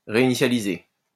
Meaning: 1. to restart 2. to reset
- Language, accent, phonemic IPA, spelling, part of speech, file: French, France, /ʁe.i.ni.sja.li.ze/, réinitialiser, verb, LL-Q150 (fra)-réinitialiser.wav